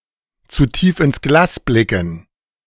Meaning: alternative form of zu tief ins Glas schauen
- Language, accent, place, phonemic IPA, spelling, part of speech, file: German, Germany, Berlin, /t͡su ˈtiːf ɪns ˈɡlaːs ˈblɪkn̩/, zu tief ins Glas blicken, verb, De-zu tief ins Glas blicken.ogg